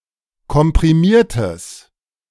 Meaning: strong/mixed nominative/accusative neuter singular of komprimiert
- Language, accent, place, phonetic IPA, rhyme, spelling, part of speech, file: German, Germany, Berlin, [kɔmpʁiˈmiːɐ̯təs], -iːɐ̯təs, komprimiertes, adjective, De-komprimiertes.ogg